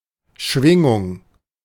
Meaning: 1. oscillation 2. vibration, undulation
- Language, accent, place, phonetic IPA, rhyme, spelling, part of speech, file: German, Germany, Berlin, [ˈʃvɪŋʊŋ], -ɪŋʊŋ, Schwingung, noun, De-Schwingung.ogg